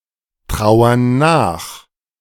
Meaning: inflection of nachtrauern: 1. first/third-person plural present 2. first/third-person plural subjunctive I
- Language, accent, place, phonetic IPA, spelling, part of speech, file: German, Germany, Berlin, [ˌtʁaʊ̯ɐn ˈnaːx], trauern nach, verb, De-trauern nach.ogg